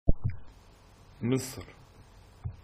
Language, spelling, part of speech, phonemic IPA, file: Arabic, مصر, proper noun / verb, /misˤr/, Ar-Misr2.oga
- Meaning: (proper noun) 1. Egypt (a country in North Africa and West Asia) 2. Cairo (the capital and largest city of Egypt); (verb) to make Egyptian, to Egyptianize